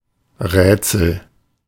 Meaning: riddle, puzzle, mystery, enigma
- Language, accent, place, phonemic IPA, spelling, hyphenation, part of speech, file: German, Germany, Berlin, /ˈʁɛːtsəl/, Rätsel, Rät‧sel, noun, De-Rätsel.ogg